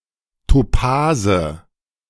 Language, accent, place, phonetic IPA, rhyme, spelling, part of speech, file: German, Germany, Berlin, [toˈpaːzə], -aːzə, Topase, noun, De-Topase.ogg
- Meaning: nominative/accusative/genitive plural of Topas